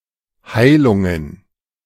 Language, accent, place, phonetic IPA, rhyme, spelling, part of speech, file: German, Germany, Berlin, [ˈhaɪ̯lʊŋən], -aɪ̯lʊŋən, Heilungen, noun, De-Heilungen.ogg
- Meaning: plural of Heilung